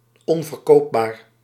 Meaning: unsaleable, unsellable
- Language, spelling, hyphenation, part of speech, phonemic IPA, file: Dutch, onverkoopbaar, on‧ver‧koop‧baar, adjective, /ˌɔn.vərˈkoːp.baːr/, Nl-onverkoopbaar.ogg